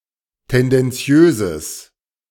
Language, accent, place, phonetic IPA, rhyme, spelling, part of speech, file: German, Germany, Berlin, [ˌtɛndɛnˈt͡si̯øːzəs], -øːzəs, tendenziöses, adjective, De-tendenziöses.ogg
- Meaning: strong/mixed nominative/accusative neuter singular of tendenziös